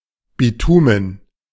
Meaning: bitumen
- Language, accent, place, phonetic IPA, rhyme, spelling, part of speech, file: German, Germany, Berlin, [biˈtuːmən], -uːmən, Bitumen, noun, De-Bitumen.ogg